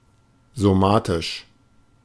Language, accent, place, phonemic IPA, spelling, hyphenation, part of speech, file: German, Germany, Berlin, /zoˈmaːtɪʃ/, somatisch, so‧ma‧tisch, adjective, De-somatisch.ogg
- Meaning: somatic